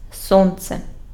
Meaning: the Sun (the center of our solar system)
- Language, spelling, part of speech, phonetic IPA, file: Ukrainian, Сонце, proper noun, [ˈsɔnt͡se], Uk-Сонце.ogg